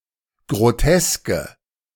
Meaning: inflection of grotesk: 1. strong/mixed nominative/accusative feminine singular 2. strong nominative/accusative plural 3. weak nominative all-gender singular 4. weak accusative feminine/neuter singular
- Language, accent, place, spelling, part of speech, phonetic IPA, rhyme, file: German, Germany, Berlin, groteske, adjective, [ɡʁoˈtɛskə], -ɛskə, De-groteske.ogg